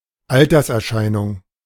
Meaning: 1. sign of age 2. symptom of old age
- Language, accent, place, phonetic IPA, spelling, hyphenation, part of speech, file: German, Germany, Berlin, [ˈaltɐsʔɛɐ̯ˌʃaɪ̯nʊŋ], Alterserscheinung, Al‧ters‧er‧schei‧nung, noun, De-Alterserscheinung.ogg